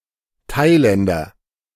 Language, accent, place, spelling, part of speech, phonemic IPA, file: German, Germany, Berlin, Thailänder, noun, /ˈtaɪ̯ˌlɛndɐ/, De-Thailänder.ogg
- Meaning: Thai ((male or female) man from Thailand)